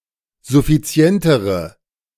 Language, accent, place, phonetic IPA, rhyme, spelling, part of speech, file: German, Germany, Berlin, [zʊfiˈt͡si̯ɛntəʁə], -ɛntəʁə, suffizientere, adjective, De-suffizientere.ogg
- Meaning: inflection of suffizient: 1. strong/mixed nominative/accusative feminine singular comparative degree 2. strong nominative/accusative plural comparative degree